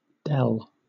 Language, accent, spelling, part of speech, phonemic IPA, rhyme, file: English, Southern England, dell, noun, /dɛl/, -ɛl, LL-Q1860 (eng)-dell.wav
- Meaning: 1. A small, deep, and wooded valley or sunken area of ground, especially in the form of a natural hollow 2. A young woman; a wench